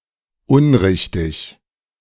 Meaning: incorrect
- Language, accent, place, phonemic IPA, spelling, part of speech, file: German, Germany, Berlin, /ˈʊnˌʁɪçtɪç/, unrichtig, adjective, De-unrichtig.ogg